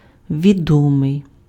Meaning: 1. known 2. well-known, noted, famous, renowned
- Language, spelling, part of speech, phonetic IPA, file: Ukrainian, відомий, adjective, [ʋʲiˈdɔmei̯], Uk-відомий.ogg